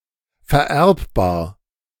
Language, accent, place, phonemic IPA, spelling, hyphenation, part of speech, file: German, Germany, Berlin, /fɛɐ̯ˈʔɛʁpbaːɐ̯/, vererbbar, ver‧erb‧bar, adjective, De-vererbbar.ogg
- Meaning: 1. inheritable 2. hereditary